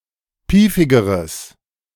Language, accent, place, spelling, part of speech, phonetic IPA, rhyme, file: German, Germany, Berlin, piefigeres, adjective, [ˈpiːfɪɡəʁəs], -iːfɪɡəʁəs, De-piefigeres.ogg
- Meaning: strong/mixed nominative/accusative neuter singular comparative degree of piefig